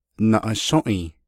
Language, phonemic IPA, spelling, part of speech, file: Navajo, /nɑ̀ʔɑ̀ʃṍʔìː/, naʼashǫ́ʼii, noun, Nv-naʼashǫ́ʼii.ogg
- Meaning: 1. lizard 2. reptile 3. snake